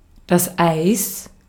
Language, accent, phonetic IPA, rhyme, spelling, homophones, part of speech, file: German, Austria, [aɪ̯s], -aɪ̯s, Eis, Eiß, noun, De-at-Eis.ogg
- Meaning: 1. ice 2. ice cream 3. genitive singular of Ei